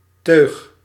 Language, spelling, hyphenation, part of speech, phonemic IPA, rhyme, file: Dutch, teug, teug, noun, /tøːx/, -øːx, Nl-teug.ogg
- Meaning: 1. pull, draw 2. sip, gulp (of liquid)